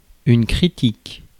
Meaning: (adjective) 1. critical (urgent) 2. critical (of great importance) 3. critical (related to criticism) 4. judgemental; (noun) 1. criticism 2. review, usually written 3. reason; logic
- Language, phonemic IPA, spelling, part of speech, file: French, /kʁi.tik/, critique, adjective / noun / verb, Fr-critique.ogg